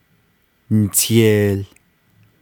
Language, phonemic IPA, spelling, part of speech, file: Navajo, /nɪ̀tʰèːl/, niteel, verb, Nv-niteel.ogg
- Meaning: it is wide, broad